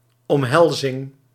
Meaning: embrace, act of folding one's arms around someone (usually the torso)
- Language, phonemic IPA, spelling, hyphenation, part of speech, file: Dutch, /ˌɔmˈɦɛl.zɪŋ/, omhelzing, om‧hel‧zing, noun, Nl-omhelzing.ogg